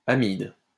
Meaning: amide
- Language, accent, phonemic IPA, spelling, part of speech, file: French, France, /a.mid/, amide, noun, LL-Q150 (fra)-amide.wav